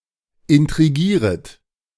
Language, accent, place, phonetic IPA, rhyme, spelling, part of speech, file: German, Germany, Berlin, [ɪntʁiˈɡiːʁət], -iːʁət, intrigieret, verb, De-intrigieret.ogg
- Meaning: second-person plural subjunctive I of intrigieren